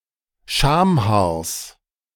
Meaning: genitive singular of Schamhaar
- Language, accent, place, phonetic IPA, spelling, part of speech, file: German, Germany, Berlin, [ˈʃaːmˌhaːɐ̯s], Schamhaars, noun, De-Schamhaars.ogg